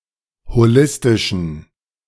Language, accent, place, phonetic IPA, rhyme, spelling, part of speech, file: German, Germany, Berlin, [hoˈlɪstɪʃn̩], -ɪstɪʃn̩, holistischen, adjective, De-holistischen.ogg
- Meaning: inflection of holistisch: 1. strong genitive masculine/neuter singular 2. weak/mixed genitive/dative all-gender singular 3. strong/weak/mixed accusative masculine singular 4. strong dative plural